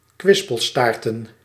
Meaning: to wag one's tail
- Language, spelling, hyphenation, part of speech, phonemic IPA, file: Dutch, kwispelstaarten, kwis‧pel‧staar‧ten, verb, /ˈkʋɪs.pəlˌstaːr.tə(n)/, Nl-kwispelstaarten.ogg